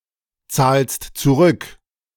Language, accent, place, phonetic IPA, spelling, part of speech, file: German, Germany, Berlin, [ˌt͡saːlst t͡suˈʁʏk], zahlst zurück, verb, De-zahlst zurück.ogg
- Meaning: second-person singular present of zurückzahlen